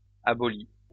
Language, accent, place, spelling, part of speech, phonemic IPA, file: French, France, Lyon, aboli, verb, /a.bɔ.li/, LL-Q150 (fra)-aboli.wav
- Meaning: past participle of abolir